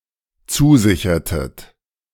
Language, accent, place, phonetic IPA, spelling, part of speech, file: German, Germany, Berlin, [ˈt͡suːˌzɪçɐtət], zusichertet, verb, De-zusichertet.ogg
- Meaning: inflection of zusichern: 1. second-person plural dependent preterite 2. second-person plural dependent subjunctive II